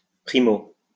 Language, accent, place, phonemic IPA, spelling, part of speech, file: French, France, Lyon, /pʁi.mo/, 1o, adverb, LL-Q150 (fra)-1o.wav
- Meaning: 1st (abbreviation of primo)